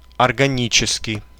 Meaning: organic
- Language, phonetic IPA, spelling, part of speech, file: Russian, [ɐrɡɐˈnʲit͡ɕɪskʲɪj], органический, adjective, Ru-органический.ogg